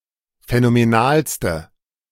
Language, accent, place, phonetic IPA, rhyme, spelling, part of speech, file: German, Germany, Berlin, [fɛnomeˈnaːlstə], -aːlstə, phänomenalste, adjective, De-phänomenalste.ogg
- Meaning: inflection of phänomenal: 1. strong/mixed nominative/accusative feminine singular superlative degree 2. strong nominative/accusative plural superlative degree